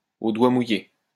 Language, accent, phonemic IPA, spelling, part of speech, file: French, France, /o dwa mu.je/, au doigt mouillé, prepositional phrase, LL-Q150 (fra)-au doigt mouillé.wav
- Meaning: by the seat of one's pants, as a rule of thumb